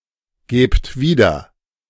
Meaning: inflection of wiedergeben: 1. second-person plural present 2. plural imperative
- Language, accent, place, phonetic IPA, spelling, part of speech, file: German, Germany, Berlin, [ˌɡeːpt ˈviːdɐ], gebt wieder, verb, De-gebt wieder.ogg